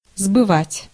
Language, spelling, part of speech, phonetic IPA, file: Russian, сбывать, verb, [zbɨˈvatʲ], Ru-сбывать.ogg
- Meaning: 1. to sell, to market 2. to get rid of